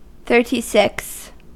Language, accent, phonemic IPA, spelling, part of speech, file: English, US, /ˌθɝtiˈsɪks/, thirty-six, numeral, En-us-thirty-six.ogg
- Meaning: The cardinal number immediately following thirty-five and preceding thirty-seven